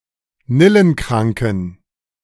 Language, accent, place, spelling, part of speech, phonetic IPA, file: German, Germany, Berlin, nillenkranken, adjective, [ˈnɪlənˌkʁaŋkn̩], De-nillenkranken.ogg
- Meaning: inflection of nillenkrank: 1. strong genitive masculine/neuter singular 2. weak/mixed genitive/dative all-gender singular 3. strong/weak/mixed accusative masculine singular 4. strong dative plural